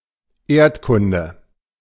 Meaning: geography
- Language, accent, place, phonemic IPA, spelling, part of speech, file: German, Germany, Berlin, /ˈeːrtˌkʊndə/, Erdkunde, noun, De-Erdkunde.ogg